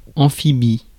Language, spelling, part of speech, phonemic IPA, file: French, amphibie, adjective / noun, /ɑ̃.fi.bi/, Fr-amphibie.ogg
- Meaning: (adjective) amphibious (all meanings); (noun) amphibian